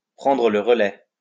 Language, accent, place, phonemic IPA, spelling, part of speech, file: French, France, Lyon, /pʁɑ̃.dʁə lə ʁ(ə).lɛ/, prendre le relais, verb, LL-Q150 (fra)-prendre le relais.wav
- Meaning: to take over, to handle it from here, to take it from here, to pick up the slack